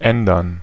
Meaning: 1. to change, to alter 2. to change, to vary
- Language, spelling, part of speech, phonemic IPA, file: German, ändern, verb, /ˈʔɛndɐn/, De-ändern.ogg